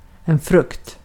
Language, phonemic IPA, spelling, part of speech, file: Swedish, /ˈfrɵkt/, frukt, noun, Sv-frukt.ogg
- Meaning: 1. fruit 2. fruit ((positive) end result)